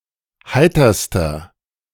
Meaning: inflection of heiter: 1. strong/mixed nominative masculine singular superlative degree 2. strong genitive/dative feminine singular superlative degree 3. strong genitive plural superlative degree
- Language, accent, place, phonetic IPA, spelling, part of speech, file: German, Germany, Berlin, [ˈhaɪ̯tɐstɐ], heiterster, adjective, De-heiterster.ogg